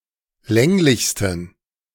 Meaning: 1. superlative degree of länglich 2. inflection of länglich: strong genitive masculine/neuter singular superlative degree
- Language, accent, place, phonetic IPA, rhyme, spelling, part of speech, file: German, Germany, Berlin, [ˈlɛŋlɪçstn̩], -ɛŋlɪçstn̩, länglichsten, adjective, De-länglichsten.ogg